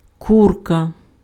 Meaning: chicken
- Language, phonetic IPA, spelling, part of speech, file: Ukrainian, [ˈkurkɐ], курка, noun, Uk-курка.ogg